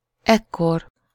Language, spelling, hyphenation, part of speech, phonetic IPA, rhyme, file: Hungarian, ekkor, ek‧kor, adverb, [ˈɛkːor], -or, Hu-ekkor.ogg
- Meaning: then, at this time